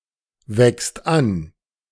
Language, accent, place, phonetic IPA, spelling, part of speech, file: German, Germany, Berlin, [ˌvɛkst ˈan], wächst an, verb, De-wächst an.ogg
- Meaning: second/third-person singular present of anwachsen